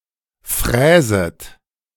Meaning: second-person plural subjunctive I of fräsen
- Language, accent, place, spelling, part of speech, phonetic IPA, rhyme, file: German, Germany, Berlin, fräset, verb, [ˈfʁɛːzət], -ɛːzət, De-fräset.ogg